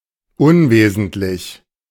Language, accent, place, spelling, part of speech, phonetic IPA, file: German, Germany, Berlin, unwesentlich, adjective, [ˈʊnˌveːzn̩tlɪç], De-unwesentlich.ogg
- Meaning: insignificant, inessential